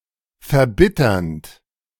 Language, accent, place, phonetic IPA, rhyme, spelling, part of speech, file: German, Germany, Berlin, [fɛɐ̯ˈbɪtɐnt], -ɪtɐnt, verbitternd, verb, De-verbitternd.ogg
- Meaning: present participle of verbittern